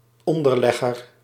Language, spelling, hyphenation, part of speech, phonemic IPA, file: Dutch, onderlegger, on‧der‧leg‧ger, noun, /ˈɔn.dərˌlɛ.ɣər/, Nl-onderlegger.ogg
- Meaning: a place mat or coaster